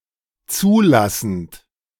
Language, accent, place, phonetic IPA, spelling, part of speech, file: German, Germany, Berlin, [ˈt͡suːˌlasn̩t], zulassend, verb, De-zulassend.ogg
- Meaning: present participle of zulassen